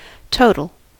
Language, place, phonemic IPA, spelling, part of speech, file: English, California, /ˈtoʊ.tl̩/, total, noun / adjective / verb, En-us-total.ogg
- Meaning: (noun) 1. An amount obtained by the addition of smaller amounts 2. Sum; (adjective) 1. Entire; relating to the whole of something 2. Complete; absolute 3. Defined on all possible inputs